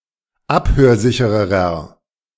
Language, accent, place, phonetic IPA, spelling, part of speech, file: German, Germany, Berlin, [ˈaphøːɐ̯ˌzɪçəʁəʁɐ], abhörsichererer, adjective, De-abhörsichererer.ogg
- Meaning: inflection of abhörsicher: 1. strong/mixed nominative masculine singular comparative degree 2. strong genitive/dative feminine singular comparative degree 3. strong genitive plural comparative degree